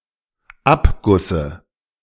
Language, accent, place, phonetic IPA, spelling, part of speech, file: German, Germany, Berlin, [ˈapɡʊsə], Abgusse, noun, De-Abgusse.ogg
- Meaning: dative singular of Abguss